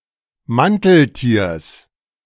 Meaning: genitive singular of Manteltier
- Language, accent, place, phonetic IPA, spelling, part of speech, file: German, Germany, Berlin, [ˈmantl̩ˌtiːɐ̯s], Manteltiers, noun, De-Manteltiers.ogg